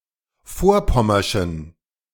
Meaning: inflection of vorpommersch: 1. strong genitive masculine/neuter singular 2. weak/mixed genitive/dative all-gender singular 3. strong/weak/mixed accusative masculine singular 4. strong dative plural
- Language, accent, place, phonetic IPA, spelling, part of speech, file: German, Germany, Berlin, [ˈfoːɐ̯ˌpɔmɐʃn̩], vorpommerschen, adjective, De-vorpommerschen.ogg